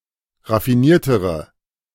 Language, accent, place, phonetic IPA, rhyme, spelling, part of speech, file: German, Germany, Berlin, [ʁafiˈniːɐ̯təʁə], -iːɐ̯təʁə, raffiniertere, adjective, De-raffiniertere.ogg
- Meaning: inflection of raffiniert: 1. strong/mixed nominative/accusative feminine singular comparative degree 2. strong nominative/accusative plural comparative degree